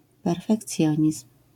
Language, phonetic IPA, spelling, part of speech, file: Polish, [ˌpɛrfɛkˈt͡sʲjɔ̇̃ɲism̥], perfekcjonizm, noun, LL-Q809 (pol)-perfekcjonizm.wav